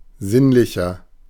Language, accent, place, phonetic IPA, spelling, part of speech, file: German, Germany, Berlin, [ˈzɪnlɪçɐ], sinnlicher, adjective, De-sinnlicher.ogg
- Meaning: inflection of sinnlich: 1. strong/mixed nominative masculine singular 2. strong genitive/dative feminine singular 3. strong genitive plural